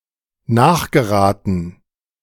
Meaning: to take after (a parent or ancestor)
- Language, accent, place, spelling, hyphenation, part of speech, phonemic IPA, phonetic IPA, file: German, Germany, Berlin, nachgeraten, nach‧ge‧ra‧ten, verb, /ˈnaːχɡəˌʁaːtən/, [ˈnaːχɡəˌʁaːtn̩], De-nachgeraten.ogg